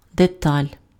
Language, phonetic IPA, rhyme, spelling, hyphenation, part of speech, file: Ukrainian, [deˈtalʲ], -alʲ, деталь, де‧таль, noun, Uk-деталь.ogg
- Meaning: 1. detail 2. part, piece, component (of a mechanism)